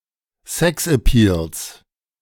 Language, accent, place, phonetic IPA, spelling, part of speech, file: German, Germany, Berlin, [ˈzɛksʔɛˌpiːls], Sexappeals, noun, De-Sexappeals.ogg
- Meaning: genitive singular of Sexappeal